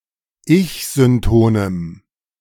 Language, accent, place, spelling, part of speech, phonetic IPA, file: German, Germany, Berlin, ich-syntonem, adjective, [ˈɪçzʏnˌtoːnəm], De-ich-syntonem.ogg
- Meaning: strong dative masculine/neuter singular of ich-synton